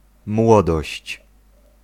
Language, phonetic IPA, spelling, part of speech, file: Polish, [ˈmwɔdɔɕt͡ɕ], młodość, noun, Pl-młodość.ogg